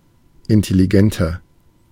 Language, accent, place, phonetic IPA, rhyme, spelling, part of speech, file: German, Germany, Berlin, [ɪntɛliˈɡɛntɐ], -ɛntɐ, intelligenter, adjective, De-intelligenter.ogg
- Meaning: 1. comparative degree of intelligent 2. inflection of intelligent: strong/mixed nominative masculine singular 3. inflection of intelligent: strong genitive/dative feminine singular